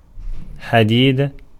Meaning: 1. armor, helmet 2. iron
- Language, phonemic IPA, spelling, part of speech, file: Arabic, /ħa.diːd/, حديد, noun, Ar-حديد.ogg